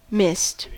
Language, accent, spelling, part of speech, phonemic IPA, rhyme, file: English, US, mist, noun / verb, /mɪst/, -ɪst, En-us-mist.ogg
- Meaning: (noun) 1. Water or other liquid finely suspended in air. (Compare fog, haze.) 2. A layer of fine droplets or particles 3. Anything that dims, darkens, or hinders vision; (verb) To form mist